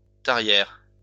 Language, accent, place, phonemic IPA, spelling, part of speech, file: French, France, Lyon, /ta.ʁjɛʁ/, tarière, noun, LL-Q150 (fra)-tarière.wav
- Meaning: auger (carpenter's tool for boring holes longer than those bored by a gimlet)